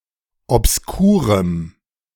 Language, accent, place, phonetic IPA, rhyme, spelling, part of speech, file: German, Germany, Berlin, [ɔpsˈkuːʁəm], -uːʁəm, obskurem, adjective, De-obskurem.ogg
- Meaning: strong dative masculine/neuter singular of obskur